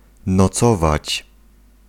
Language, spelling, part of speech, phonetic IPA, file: Polish, nocować, verb, [nɔˈt͡sɔvat͡ɕ], Pl-nocować.ogg